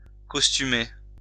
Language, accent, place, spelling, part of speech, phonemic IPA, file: French, France, Lyon, costumer, verb, /kɔs.ty.me/, LL-Q150 (fra)-costumer.wav
- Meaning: to wear a particular costume